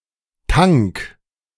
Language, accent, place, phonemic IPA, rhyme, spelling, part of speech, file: German, Germany, Berlin, /taŋk/, -aŋk, Tank, noun, De-Tank.ogg
- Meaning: 1. tank (container for liquids or gases) 2. tank (armoured fighting vehicle)